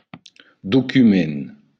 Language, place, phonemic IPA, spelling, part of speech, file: Occitan, Béarn, /duˈkymen/, document, noun, LL-Q14185 (oci)-document.wav
- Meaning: document